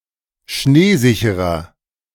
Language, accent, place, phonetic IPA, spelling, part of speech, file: German, Germany, Berlin, [ˈʃneːˌzɪçəʁɐ], schneesicherer, adjective, De-schneesicherer.ogg
- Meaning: 1. comparative degree of schneesicher 2. inflection of schneesicher: strong/mixed nominative masculine singular 3. inflection of schneesicher: strong genitive/dative feminine singular